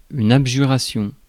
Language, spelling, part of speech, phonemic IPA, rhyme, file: French, abjuration, noun, /ab.ʒy.ʁa.sjɔ̃/, -ɔ̃, Fr-abjuration.ogg
- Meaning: the action of abjurer